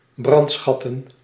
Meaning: to extort in order to exact loot or tribute under threat of plunder, arson and razing
- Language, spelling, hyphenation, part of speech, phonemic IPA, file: Dutch, brandschatten, brand‧schat‧ten, verb, /ˈbrɑntˌsxɑ.tə(n)/, Nl-brandschatten.ogg